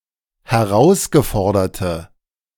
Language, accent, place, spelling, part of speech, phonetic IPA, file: German, Germany, Berlin, herausgeforderte, adjective, [hɛˈʁaʊ̯sɡəˌfɔʁdɐtə], De-herausgeforderte.ogg
- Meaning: inflection of herausgefordert: 1. strong/mixed nominative/accusative feminine singular 2. strong nominative/accusative plural 3. weak nominative all-gender singular